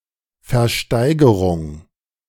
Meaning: auction
- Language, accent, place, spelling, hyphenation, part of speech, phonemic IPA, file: German, Germany, Berlin, Versteigerung, Ver‧stei‧ge‧rung, noun, /fɛʁˈʃtaɪ̯ɡəʁʊŋ/, De-Versteigerung.ogg